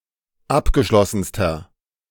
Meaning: inflection of abgeschlossen: 1. strong/mixed nominative masculine singular superlative degree 2. strong genitive/dative feminine singular superlative degree
- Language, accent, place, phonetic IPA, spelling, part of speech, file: German, Germany, Berlin, [ˈapɡəˌʃlɔsn̩stɐ], abgeschlossenster, adjective, De-abgeschlossenster.ogg